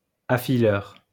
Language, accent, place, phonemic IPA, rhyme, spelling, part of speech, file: French, France, Lyon, /a.fi.lœʁ/, -œʁ, affileur, noun, LL-Q150 (fra)-affileur.wav
- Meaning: sharpener